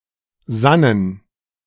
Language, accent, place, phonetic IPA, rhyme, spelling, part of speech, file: German, Germany, Berlin, [ˈzanən], -anən, sannen, verb, De-sannen.ogg
- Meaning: first/third-person plural preterite of sinnen